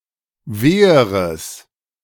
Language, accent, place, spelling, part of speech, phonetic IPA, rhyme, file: German, Germany, Berlin, weheres, adjective, [ˈveːəʁəs], -eːəʁəs, De-weheres.ogg
- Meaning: strong/mixed nominative/accusative neuter singular comparative degree of weh